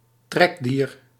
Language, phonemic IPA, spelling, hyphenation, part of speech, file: Dutch, /ˈtrɛk.diːr/, trekdier, trek‧dier, noun, Nl-trekdier.ogg
- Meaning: a draught animal, used to draw a load or loaded cart, plow etc